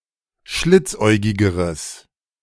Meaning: strong/mixed nominative/accusative neuter singular comparative degree of schlitzäugig
- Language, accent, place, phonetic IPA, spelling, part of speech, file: German, Germany, Berlin, [ˈʃlɪt͡sˌʔɔɪ̯ɡɪɡəʁəs], schlitzäugigeres, adjective, De-schlitzäugigeres.ogg